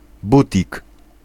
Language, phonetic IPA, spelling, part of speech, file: Polish, [ˈbutʲik], butik, noun, Pl-butik.ogg